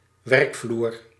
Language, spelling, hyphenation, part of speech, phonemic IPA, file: Dutch, werkvloer, werk‧vloer, noun, /ˈʋɛrk.vlur/, Nl-werkvloer.ogg
- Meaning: workplace